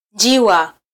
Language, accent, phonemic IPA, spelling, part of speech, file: Swahili, Kenya, /ˈⁿdʒi.wɑ/, njiwa, noun, Sw-ke-njiwa.flac
- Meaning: pigeon, dove (bird)